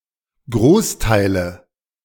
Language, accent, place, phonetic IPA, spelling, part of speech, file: German, Germany, Berlin, [ˈɡʁoːsˌtaɪ̯lə], Großteile, noun, De-Großteile.ogg
- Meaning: nominative/accusative/genitive plural of Großteil